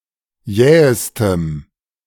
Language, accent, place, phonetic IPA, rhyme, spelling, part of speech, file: German, Germany, Berlin, [ˈjɛːəstəm], -ɛːəstəm, jähestem, adjective, De-jähestem.ogg
- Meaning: strong dative masculine/neuter singular superlative degree of jäh